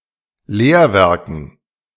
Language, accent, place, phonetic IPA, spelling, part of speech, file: German, Germany, Berlin, [ˈleːɐ̯ˌvɛʁkn̩], Lehrwerken, noun, De-Lehrwerken.ogg
- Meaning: dative plural of Lehrwerk